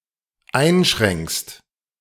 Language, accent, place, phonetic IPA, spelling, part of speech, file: German, Germany, Berlin, [ˈaɪ̯nˌʃʁɛŋkst], einschränkst, verb, De-einschränkst.ogg
- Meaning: second-person singular dependent present of einschränken